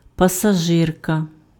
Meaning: female equivalent of пасажи́р (pasažýr): passenger
- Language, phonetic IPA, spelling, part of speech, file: Ukrainian, [pɐsɐˈʒɪrkɐ], пасажирка, noun, Uk-пасажирка.ogg